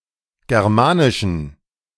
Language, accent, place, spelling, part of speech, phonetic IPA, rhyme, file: German, Germany, Berlin, germanischen, adjective, [ˌɡɛʁˈmaːnɪʃn̩], -aːnɪʃn̩, De-germanischen.ogg
- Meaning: inflection of germanisch: 1. strong genitive masculine/neuter singular 2. weak/mixed genitive/dative all-gender singular 3. strong/weak/mixed accusative masculine singular 4. strong dative plural